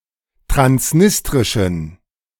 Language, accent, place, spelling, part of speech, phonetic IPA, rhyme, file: German, Germany, Berlin, transnistrischen, adjective, [tʁansˈnɪstʁɪʃn̩], -ɪstʁɪʃn̩, De-transnistrischen.ogg
- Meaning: inflection of transnistrisch: 1. strong genitive masculine/neuter singular 2. weak/mixed genitive/dative all-gender singular 3. strong/weak/mixed accusative masculine singular 4. strong dative plural